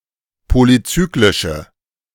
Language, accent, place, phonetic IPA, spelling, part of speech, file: German, Germany, Berlin, [ˌpolyˈt͡syːklɪʃə], polycyclische, adjective, De-polycyclische.ogg
- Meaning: inflection of polycyclisch: 1. strong/mixed nominative/accusative feminine singular 2. strong nominative/accusative plural 3. weak nominative all-gender singular